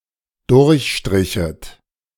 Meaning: second-person plural dependent subjunctive II of durchstreichen
- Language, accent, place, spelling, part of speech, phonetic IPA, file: German, Germany, Berlin, durchstrichet, verb, [ˈdʊʁçˌʃtʁɪçət], De-durchstrichet.ogg